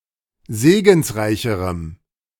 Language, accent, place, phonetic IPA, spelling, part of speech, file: German, Germany, Berlin, [ˈzeːɡn̩sˌʁaɪ̯çəʁəm], segensreicherem, adjective, De-segensreicherem.ogg
- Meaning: strong dative masculine/neuter singular comparative degree of segensreich